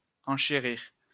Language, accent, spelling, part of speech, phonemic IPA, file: French, France, enchérir, verb, /ɑ̃.ʃe.ʁiʁ/, LL-Q150 (fra)-enchérir.wav
- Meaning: 1. to make more expensive 2. to bid; to make a bid (at auction etc.) 3. to go up (in price), become more expensive